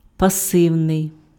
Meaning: passive
- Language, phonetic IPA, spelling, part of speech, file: Ukrainian, [pɐˈsɪu̯nei̯], пасивний, adjective, Uk-пасивний.ogg